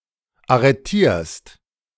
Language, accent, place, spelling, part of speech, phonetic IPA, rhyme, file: German, Germany, Berlin, arretierst, verb, [aʁəˈtiːɐ̯st], -iːɐ̯st, De-arretierst.ogg
- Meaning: second-person singular present of arretieren